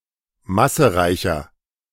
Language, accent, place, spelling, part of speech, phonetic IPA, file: German, Germany, Berlin, massereicher, adjective, [ˈmasəˌʁaɪ̯çɐ], De-massereicher.ogg
- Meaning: 1. comparative degree of massereich 2. inflection of massereich: strong/mixed nominative masculine singular 3. inflection of massereich: strong genitive/dative feminine singular